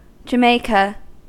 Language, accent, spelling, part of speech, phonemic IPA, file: English, US, jamaica, noun, /d͡ʒəˈmeɪ.kə/, En-us-jamaica.ogg
- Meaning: roselle